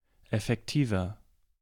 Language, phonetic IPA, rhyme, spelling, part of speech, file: German, [ɛfɛkˈtiːvɐ], -iːvɐ, effektiver, adjective, De-effektiver.ogg
- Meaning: 1. comparative degree of effektiv 2. inflection of effektiv: strong/mixed nominative masculine singular 3. inflection of effektiv: strong genitive/dative feminine singular